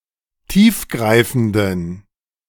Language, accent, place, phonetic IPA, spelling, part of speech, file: German, Germany, Berlin, [ˈtiːfˌɡʁaɪ̯fn̩dən], tiefgreifenden, adjective, De-tiefgreifenden.ogg
- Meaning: inflection of tiefgreifend: 1. strong genitive masculine/neuter singular 2. weak/mixed genitive/dative all-gender singular 3. strong/weak/mixed accusative masculine singular 4. strong dative plural